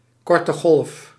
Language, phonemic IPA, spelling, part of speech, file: Dutch, /ˌkɔrtəˈɣɔlᵊf/, korte golf, noun, Nl-korte golf.ogg
- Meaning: shortwave